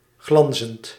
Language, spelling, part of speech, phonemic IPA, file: Dutch, glanzend, verb / adjective, /ˈɣlɑnzənt/, Nl-glanzend.ogg
- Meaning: present participle of glanzen